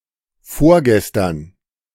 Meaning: ereyesterday, the day before yesterday
- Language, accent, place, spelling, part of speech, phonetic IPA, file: German, Germany, Berlin, vorgestern, adverb, [ˈfoːɐ̯ɡɛstɐn], De-vorgestern.ogg